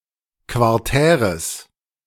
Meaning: strong/mixed nominative/accusative neuter singular of quartär
- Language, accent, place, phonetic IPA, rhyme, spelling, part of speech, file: German, Germany, Berlin, [kvaʁˈtɛːʁəs], -ɛːʁəs, quartäres, adjective, De-quartäres.ogg